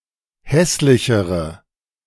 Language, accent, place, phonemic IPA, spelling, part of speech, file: German, Germany, Berlin, /ˈhɛslɪçəʁə/, hässlichere, adjective, De-hässlichere.ogg
- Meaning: inflection of hässlich: 1. strong/mixed nominative/accusative feminine singular comparative degree 2. strong nominative/accusative plural comparative degree